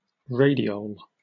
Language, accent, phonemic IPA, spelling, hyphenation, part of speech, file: English, Received Pronunciation, /ˈɹeɪdɪəʊl/, radiole, ra‧di‧ole, noun, En-uk-radiole.oga
- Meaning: The spine of a sea urchin